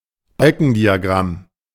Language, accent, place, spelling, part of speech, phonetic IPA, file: German, Germany, Berlin, Balkendiagramm, noun, [ˈbalkn̩diaˌɡʁam], De-Balkendiagramm.ogg
- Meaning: bar chart, usually with horizontal bars